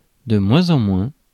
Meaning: less and less
- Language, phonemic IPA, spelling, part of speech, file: French, /də mwɛ̃.z‿ɑ̃ mwɛ̃/, de moins en moins, adverb, Fr-de moins en moins.oga